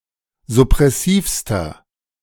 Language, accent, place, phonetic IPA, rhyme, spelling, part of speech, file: German, Germany, Berlin, [zʊpʁɛˈsiːfstɐ], -iːfstɐ, suppressivster, adjective, De-suppressivster.ogg
- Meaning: inflection of suppressiv: 1. strong/mixed nominative masculine singular superlative degree 2. strong genitive/dative feminine singular superlative degree 3. strong genitive plural superlative degree